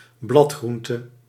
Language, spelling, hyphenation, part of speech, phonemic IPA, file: Dutch, bladgroente, blad‧groen‧te, noun, /ˈblɑtˌxrun.tə/, Nl-bladgroente.ogg
- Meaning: leaf vegetable(s), greens; a species or type of greens